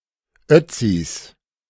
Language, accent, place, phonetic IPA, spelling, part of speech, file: German, Germany, Berlin, [ˈœt͡sis], Ötzis, noun, De-Ötzis.ogg
- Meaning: genitive singular of Ötzi